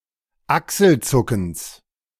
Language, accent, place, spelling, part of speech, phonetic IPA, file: German, Germany, Berlin, Achselzuckens, noun, [ˈaksl̩ˌt͡sʊkn̩s], De-Achselzuckens.ogg
- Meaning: genitive singular of Achselzucken